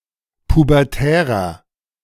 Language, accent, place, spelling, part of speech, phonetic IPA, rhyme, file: German, Germany, Berlin, pubertärer, adjective, [pubɛʁˈtɛːʁɐ], -ɛːʁɐ, De-pubertärer.ogg
- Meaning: inflection of pubertär: 1. strong/mixed nominative masculine singular 2. strong genitive/dative feminine singular 3. strong genitive plural